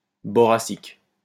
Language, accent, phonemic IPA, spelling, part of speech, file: French, France, /bɔ.ʁa.sik/, boracique, adjective, LL-Q150 (fra)-boracique.wav
- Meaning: boracic, boric